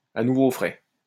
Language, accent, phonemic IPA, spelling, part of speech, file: French, France, /a nu.vo fʁɛ/, à nouveaux frais, adverb, LL-Q150 (fra)-à nouveaux frais.wav
- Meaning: anew, from scratch, all over again